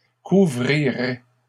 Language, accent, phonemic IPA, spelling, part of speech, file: French, Canada, /ku.vʁi.ʁɛ/, couvrirait, verb, LL-Q150 (fra)-couvrirait.wav
- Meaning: third-person singular conditional of couvrir